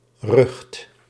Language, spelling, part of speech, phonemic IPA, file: Dutch, rucht, noun, /rəxt/, Nl-rucht.ogg
- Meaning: 1. rumor, clamor 2. scum